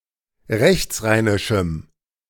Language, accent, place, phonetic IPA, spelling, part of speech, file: German, Germany, Berlin, [ˈʁɛçt͡sˌʁaɪ̯nɪʃm̩], rechtsrheinischem, adjective, De-rechtsrheinischem.ogg
- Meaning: strong dative masculine/neuter singular of rechtsrheinisch